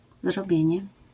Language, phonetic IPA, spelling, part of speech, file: Polish, [zrɔˈbʲjɛ̇̃ɲɛ], zrobienie, noun, LL-Q809 (pol)-zrobienie.wav